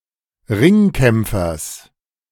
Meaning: genitive singular of Ringkämpfer
- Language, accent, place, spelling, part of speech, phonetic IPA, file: German, Germany, Berlin, Ringkämpfers, noun, [ˈʁɪŋˌkɛmp͡fɐs], De-Ringkämpfers.ogg